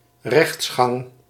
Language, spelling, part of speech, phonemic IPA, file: Dutch, rechtsgang, noun, /ˈrɛx(t)sxɑŋ/, Nl-rechtsgang.ogg
- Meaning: judicial process